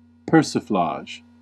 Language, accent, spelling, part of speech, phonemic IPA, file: English, US, persiflage, noun, /ˈpɝː.sɪ.flɑːʒ/, En-us-persiflage.ogg
- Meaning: 1. Good-natured banter; raillery 2. Frivolous, lighthearted discussion of a topic